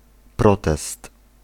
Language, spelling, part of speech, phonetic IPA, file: Polish, protest, noun, [ˈprɔtɛst], Pl-protest.ogg